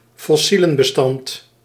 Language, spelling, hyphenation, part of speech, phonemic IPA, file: Dutch, fossielenbestand, fos‧sie‧len‧be‧stand, noun, /fɔˈsi.lə(n).bəˌstɑnt/, Nl-fossielenbestand.ogg
- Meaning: fossil record